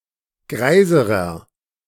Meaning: inflection of greis: 1. strong/mixed nominative masculine singular comparative degree 2. strong genitive/dative feminine singular comparative degree 3. strong genitive plural comparative degree
- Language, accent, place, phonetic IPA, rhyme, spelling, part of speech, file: German, Germany, Berlin, [ˈɡʁaɪ̯zəʁɐ], -aɪ̯zəʁɐ, greiserer, adjective, De-greiserer.ogg